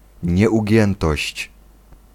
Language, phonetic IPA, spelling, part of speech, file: Polish, [ˌɲɛʷuˈɟɛ̃ntɔɕt͡ɕ], nieugiętość, noun, Pl-nieugiętość.ogg